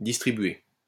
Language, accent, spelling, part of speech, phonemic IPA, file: French, France, distribué, verb / adjective, /dis.tʁi.bɥe/, LL-Q150 (fra)-distribué.wav
- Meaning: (verb) past participle of distribuer; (adjective) 1. Distributed 2. Distributed: involving several separate computers